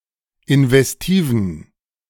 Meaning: inflection of investiv: 1. strong genitive masculine/neuter singular 2. weak/mixed genitive/dative all-gender singular 3. strong/weak/mixed accusative masculine singular 4. strong dative plural
- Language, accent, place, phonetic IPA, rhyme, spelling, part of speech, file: German, Germany, Berlin, [ɪnvɛsˈtiːvn̩], -iːvn̩, investiven, adjective, De-investiven.ogg